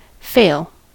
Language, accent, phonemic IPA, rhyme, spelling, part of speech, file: English, US, /feɪl/, -eɪl, fail, verb / noun / adjective, En-us-fail.ogg
- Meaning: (verb) 1. To be unsuccessful 2. Not to achieve a particular stated goal. (Usage note: The direct object of this word is usually an infinitive.) 3. To neglect